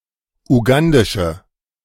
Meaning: inflection of ugandisch: 1. strong/mixed nominative/accusative feminine singular 2. strong nominative/accusative plural 3. weak nominative all-gender singular
- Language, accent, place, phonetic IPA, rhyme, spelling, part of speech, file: German, Germany, Berlin, [uˈɡandɪʃə], -andɪʃə, ugandische, adjective, De-ugandische.ogg